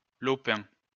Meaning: patch, plot (of land)
- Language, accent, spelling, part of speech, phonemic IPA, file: French, France, lopin, noun, /lɔ.pɛ̃/, LL-Q150 (fra)-lopin.wav